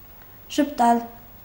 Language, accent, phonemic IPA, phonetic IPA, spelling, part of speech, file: Armenian, Eastern Armenian, /ʒəpˈtɑl/, [ʒəptɑ́l], ժպտալ, verb, Hy-ժպտալ.ogg
- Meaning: to smile